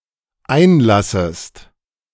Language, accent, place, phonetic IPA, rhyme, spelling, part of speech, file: German, Germany, Berlin, [ˈaɪ̯nˌlasəst], -aɪ̯nlasəst, einlassest, verb, De-einlassest.ogg
- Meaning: second-person singular dependent subjunctive I of einlassen